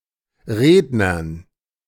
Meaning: dative plural of Redner
- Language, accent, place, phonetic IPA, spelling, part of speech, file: German, Germany, Berlin, [ˈʁeːdnɐn], Rednern, noun, De-Rednern.ogg